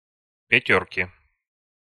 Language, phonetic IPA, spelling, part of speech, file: Russian, [pʲɪˈtʲɵrkʲɪ], пятёрки, noun, Ru-пятёрки.ogg
- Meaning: inflection of пятёрка (pjatjórka): 1. genitive singular 2. nominative/accusative plural